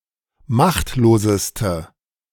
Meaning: inflection of machtlos: 1. strong/mixed nominative/accusative feminine singular superlative degree 2. strong nominative/accusative plural superlative degree
- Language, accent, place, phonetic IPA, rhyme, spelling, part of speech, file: German, Germany, Berlin, [ˈmaxtloːzəstə], -axtloːzəstə, machtloseste, adjective, De-machtloseste.ogg